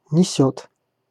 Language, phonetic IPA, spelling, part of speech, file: Russian, [nʲɪˈsʲɵt], несёт, verb, Ru-несёт.ogg
- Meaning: third-person singular present indicative imperfective of нести́ (nestí)